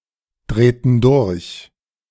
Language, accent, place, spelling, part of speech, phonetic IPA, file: German, Germany, Berlin, drehten durch, verb, [ˌdʁeːtn̩ ˈdʊʁç], De-drehten durch.ogg
- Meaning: inflection of durchdrehen: 1. first/third-person plural preterite 2. first/third-person plural subjunctive II